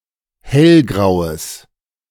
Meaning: strong/mixed nominative/accusative neuter singular of hellgrau
- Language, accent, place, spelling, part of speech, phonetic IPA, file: German, Germany, Berlin, hellgraues, adjective, [ˈhɛlˌɡʁaʊ̯əs], De-hellgraues.ogg